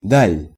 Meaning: distance
- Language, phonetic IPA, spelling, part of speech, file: Russian, [dalʲ], даль, noun, Ru-даль.ogg